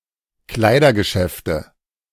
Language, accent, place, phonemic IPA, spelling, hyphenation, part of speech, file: German, Germany, Berlin, /ˈklaɪ̯dɐɡəˌʃɛftə/, Kleidergeschäfte, Klei‧der‧ge‧schäf‧te, noun, De-Kleidergeschäfte.ogg
- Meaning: nominative/accusative/genitive plural of Kleidergeschäft